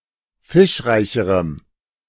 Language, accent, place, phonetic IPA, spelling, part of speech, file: German, Germany, Berlin, [ˈfɪʃˌʁaɪ̯çəʁəm], fischreicherem, adjective, De-fischreicherem.ogg
- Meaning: strong dative masculine/neuter singular comparative degree of fischreich